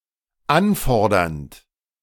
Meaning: present participle of anfordern
- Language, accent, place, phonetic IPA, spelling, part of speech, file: German, Germany, Berlin, [ˈanˌfɔʁdɐnt], anfordernd, verb, De-anfordernd.ogg